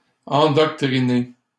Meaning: past participle of endoctriner
- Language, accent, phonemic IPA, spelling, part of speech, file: French, Canada, /ɑ̃.dɔk.tʁi.ne/, endoctriné, verb, LL-Q150 (fra)-endoctriné.wav